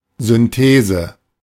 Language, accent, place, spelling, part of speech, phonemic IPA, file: German, Germany, Berlin, Synthese, noun, /zʏnˈteːzə/, De-Synthese.ogg
- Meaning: synthesis